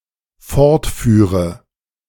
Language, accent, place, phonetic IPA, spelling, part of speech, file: German, Germany, Berlin, [ˈfɔʁtˌfyːʁə], fortführe, verb, De-fortführe.ogg
- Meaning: first/third-person singular dependent subjunctive II of fortfahren